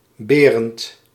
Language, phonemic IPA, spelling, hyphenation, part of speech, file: Dutch, /ˈbeː.rənt/, Berend, Be‧rend, proper noun, Nl-Berend.ogg
- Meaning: a male given name